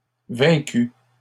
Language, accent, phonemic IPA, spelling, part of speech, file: French, Canada, /vɛ̃.ky/, vaincus, verb, LL-Q150 (fra)-vaincus.wav
- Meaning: masculine plural of vaincu